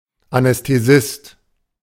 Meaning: anaesthetist, anesthesiologist
- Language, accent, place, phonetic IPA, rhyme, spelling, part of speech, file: German, Germany, Berlin, [anɛsteˈzɪst], -ɪst, Anästhesist, noun, De-Anästhesist.ogg